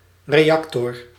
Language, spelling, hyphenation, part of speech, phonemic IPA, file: Dutch, reactor, re‧ac‧tor, noun, /ˌreːˈɑk.tɔr/, Nl-reactor.ogg
- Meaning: 1. atomic reactor 2. chemical reactor